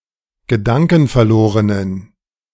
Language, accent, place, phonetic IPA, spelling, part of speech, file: German, Germany, Berlin, [ɡəˈdaŋkn̩fɛɐ̯ˌloːʁənən], gedankenverlorenen, adjective, De-gedankenverlorenen.ogg
- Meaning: inflection of gedankenverloren: 1. strong genitive masculine/neuter singular 2. weak/mixed genitive/dative all-gender singular 3. strong/weak/mixed accusative masculine singular